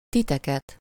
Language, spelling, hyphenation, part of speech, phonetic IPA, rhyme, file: Hungarian, titeket, ti‧te‧ket, pronoun, [ˈtitɛkɛt], -ɛt, Hu-titeket.ogg
- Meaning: accusative of ti (“you, you all, you guys”) (as the direct object of a verb)